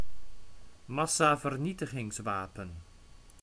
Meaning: weapon of mass destruction
- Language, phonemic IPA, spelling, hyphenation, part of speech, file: Dutch, /ˈmɑ.saː.vərˌni.tə.ɣɪŋsˌʋaː.pən/, massavernietigingswapen, mas‧sa‧ver‧nie‧ti‧gings‧wa‧pen, noun, Nl-massavernietigingswapen.ogg